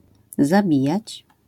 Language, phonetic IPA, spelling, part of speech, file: Polish, [zaˈbʲijät͡ɕ], zabijać, verb, LL-Q809 (pol)-zabijać.wav